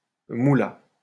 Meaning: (noun) 1. money 2. cannabis; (verb) third-person singular past historic of mouler
- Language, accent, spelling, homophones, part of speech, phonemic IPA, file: French, France, moula, moulas / moulât, noun / verb, /mu.la/, LL-Q150 (fra)-moula.wav